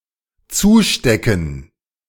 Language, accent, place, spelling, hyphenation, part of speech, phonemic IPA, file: German, Germany, Berlin, zustecken, zu‧ste‧cken, verb, /ˈt͡suːˌʃtɛkn̩/, De-zustecken.ogg
- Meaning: 1. to slip (covertly pass something to someone) 2. to pin shut